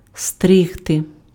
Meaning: to cut (hair, fur, grass, etc.), to shear, to clip, to trim
- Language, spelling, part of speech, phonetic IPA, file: Ukrainian, стригти, verb, [ˈstrɪɦte], Uk-стригти.ogg